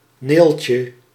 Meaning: a female given name, a nickname for Cornelia
- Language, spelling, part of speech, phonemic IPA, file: Dutch, Neeltje, proper noun, /ˈneːltjə/, Nl-Neeltje.ogg